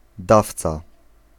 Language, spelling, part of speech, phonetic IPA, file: Polish, dawca, noun, [ˈdaft͡sa], Pl-dawca.ogg